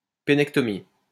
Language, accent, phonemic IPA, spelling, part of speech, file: French, France, /pe.nɛk.tɔ.mi/, pénectomie, noun, LL-Q150 (fra)-pénectomie.wav
- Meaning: penectomy